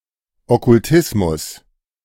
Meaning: occultism
- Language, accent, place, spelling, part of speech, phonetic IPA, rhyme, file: German, Germany, Berlin, Okkultismus, noun, [ˌɔkʊlˈtɪsmʊs], -ɪsmʊs, De-Okkultismus.ogg